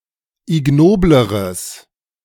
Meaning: strong/mixed nominative/accusative neuter singular comparative degree of ignobel
- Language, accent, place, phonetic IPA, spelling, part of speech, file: German, Germany, Berlin, [ɪˈɡnoːbləʁəs], ignobleres, adjective, De-ignobleres.ogg